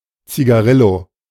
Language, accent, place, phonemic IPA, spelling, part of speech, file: German, Germany, Berlin, /t͡siɡaˈʁɪlo/, Zigarillo, noun, De-Zigarillo.ogg
- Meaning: cigarillo (thin cigar)